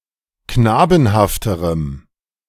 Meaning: strong dative masculine/neuter singular comparative degree of knabenhaft
- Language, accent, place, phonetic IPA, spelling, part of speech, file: German, Germany, Berlin, [ˈknaːbn̩haftəʁəm], knabenhafterem, adjective, De-knabenhafterem.ogg